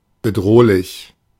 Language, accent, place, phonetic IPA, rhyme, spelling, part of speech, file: German, Germany, Berlin, [bəˈdʁoːlɪç], -oːlɪç, bedrohlich, adjective, De-bedrohlich.ogg
- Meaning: threatening